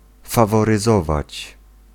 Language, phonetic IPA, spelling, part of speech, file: Polish, [ˌfavɔrɨˈzɔvat͡ɕ], faworyzować, verb, Pl-faworyzować.ogg